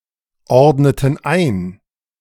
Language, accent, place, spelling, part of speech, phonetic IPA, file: German, Germany, Berlin, ordneten ein, verb, [ˌɔʁdnətn̩ ˈaɪ̯n], De-ordneten ein.ogg
- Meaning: inflection of einordnen: 1. first/third-person plural preterite 2. first/third-person plural subjunctive II